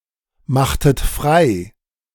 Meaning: inflection of freimachen: 1. second-person plural preterite 2. second-person plural subjunctive II
- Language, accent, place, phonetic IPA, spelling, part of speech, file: German, Germany, Berlin, [ˌmaxtət ˈfʁaɪ̯], machtet frei, verb, De-machtet frei.ogg